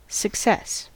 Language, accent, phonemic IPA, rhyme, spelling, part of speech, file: English, US, /səkˈsɛs/, -ɛs, success, noun, En-us-success.ogg
- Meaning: 1. The achievement of one's aim or goal 2. Financial profitability 3. One who, or that which, achieves assumed goals 4. The fact of getting or achieving wealth, respect, or fame